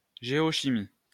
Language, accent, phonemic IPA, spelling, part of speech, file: French, France, /ʒe.ɔ.ʃi.mi/, géochimie, noun, LL-Q150 (fra)-géochimie.wav
- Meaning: geochemistry